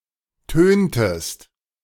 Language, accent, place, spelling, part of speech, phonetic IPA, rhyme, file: German, Germany, Berlin, töntest, verb, [ˈtøːntəst], -øːntəst, De-töntest.ogg
- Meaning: inflection of tönen: 1. second-person singular preterite 2. second-person singular subjunctive II